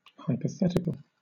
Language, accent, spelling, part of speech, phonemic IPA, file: English, Southern England, hypothetical, adjective / noun, /ˌhaɪpəˈθɛtɪkəl/, LL-Q1860 (eng)-hypothetical.wav
- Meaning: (adjective) 1. Based upon a hypothesis; conjectural 2. Conditional; contingent upon some hypothesis/antecedent; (noun) A possible or hypothetical situation or proposition